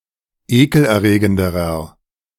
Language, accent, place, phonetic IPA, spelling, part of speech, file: German, Germany, Berlin, [ˈeːkl̩ʔɛɐ̯ˌʁeːɡəndəʁɐ], ekelerregenderer, adjective, De-ekelerregenderer.ogg
- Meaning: inflection of ekelerregend: 1. strong/mixed nominative masculine singular comparative degree 2. strong genitive/dative feminine singular comparative degree 3. strong genitive plural comparative degree